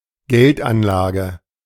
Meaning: investment
- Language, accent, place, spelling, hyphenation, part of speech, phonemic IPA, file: German, Germany, Berlin, Geldanlage, Geld‧an‧la‧ge, noun, /ˈɡɛltˌʔanlaːɡə/, De-Geldanlage.ogg